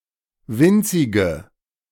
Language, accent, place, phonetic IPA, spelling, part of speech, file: German, Germany, Berlin, [ˈvɪnt͡sɪɡə], winzige, adjective, De-winzige.ogg
- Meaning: inflection of winzig: 1. strong/mixed nominative/accusative feminine singular 2. strong nominative/accusative plural 3. weak nominative all-gender singular 4. weak accusative feminine/neuter singular